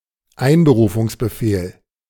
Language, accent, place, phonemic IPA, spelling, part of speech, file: German, Germany, Berlin, /ˈaɪ̯nbəruːfʊŋsbəfeːl/, Einberufungsbefehl, noun, De-Einberufungsbefehl.ogg
- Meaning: conscription order